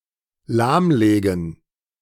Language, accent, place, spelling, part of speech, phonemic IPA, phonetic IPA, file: German, Germany, Berlin, lahmlegen, verb, /ˈlaːmˌleːɡən/, [ˈlaːmˌleːɡŋ], De-lahmlegen.ogg
- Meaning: to bring to a standstill